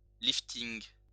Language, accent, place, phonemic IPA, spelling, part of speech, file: French, France, Lyon, /lif.tiŋ/, lifting, noun, LL-Q150 (fra)-lifting.wav
- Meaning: facelift